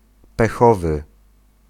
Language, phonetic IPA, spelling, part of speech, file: Polish, [pɛˈxɔvɨ], pechowy, adjective, Pl-pechowy.ogg